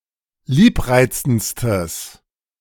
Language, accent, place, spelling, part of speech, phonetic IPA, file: German, Germany, Berlin, liebreizendstes, adjective, [ˈliːpˌʁaɪ̯t͡sn̩t͡stəs], De-liebreizendstes.ogg
- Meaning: strong/mixed nominative/accusative neuter singular superlative degree of liebreizend